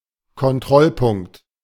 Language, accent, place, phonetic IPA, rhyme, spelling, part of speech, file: German, Germany, Berlin, [kɔnˈtʁɔlˌpʊŋkt], -ɔlpʊŋkt, Kontrollpunkt, noun, De-Kontrollpunkt.ogg
- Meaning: checkpoint